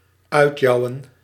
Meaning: to jeer at
- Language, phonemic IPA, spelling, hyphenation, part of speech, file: Dutch, /ˈœy̯tˌjɑu̯.ə(n)/, uitjouwen, uit‧jou‧wen, verb, Nl-uitjouwen.ogg